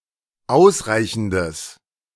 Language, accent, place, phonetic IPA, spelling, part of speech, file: German, Germany, Berlin, [ˈaʊ̯sˌʁaɪ̯çn̩dəs], ausreichendes, adjective, De-ausreichendes.ogg
- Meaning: strong/mixed nominative/accusative neuter singular of ausreichend